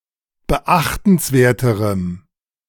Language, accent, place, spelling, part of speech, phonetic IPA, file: German, Germany, Berlin, beachtenswerterem, adjective, [bəˈʔaxtn̩sˌveːɐ̯təʁəm], De-beachtenswerterem.ogg
- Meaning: strong dative masculine/neuter singular comparative degree of beachtenswert